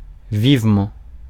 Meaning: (adverb) 1. lively, briskly, quickly 2. vigorously, sharply 3. deeply, profoundly; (preposition) roll on (something), bring on (something), can't wait for (something)
- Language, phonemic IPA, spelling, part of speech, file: French, /viv.mɑ̃/, vivement, adverb / preposition / conjunction, Fr-vivement.ogg